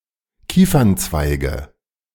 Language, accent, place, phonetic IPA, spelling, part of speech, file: German, Germany, Berlin, [ˈkiːfɐnˌt͡svaɪ̯ɡə], Kiefernzweige, noun, De-Kiefernzweige.ogg
- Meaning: nominative/accusative/genitive plural of Kiefernzweig